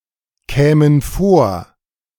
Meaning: first/third-person plural subjunctive II of vorkommen
- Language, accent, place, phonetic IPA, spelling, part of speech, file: German, Germany, Berlin, [ˌkɛːmən ˈfoːɐ̯], kämen vor, verb, De-kämen vor.ogg